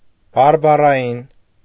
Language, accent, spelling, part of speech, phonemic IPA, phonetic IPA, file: Armenian, Eastern Armenian, բարբառային, adjective, /bɑɾbɑrɑˈjin/, [bɑɾbɑrɑjín], Hy-բարբառային.ogg
- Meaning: dialectal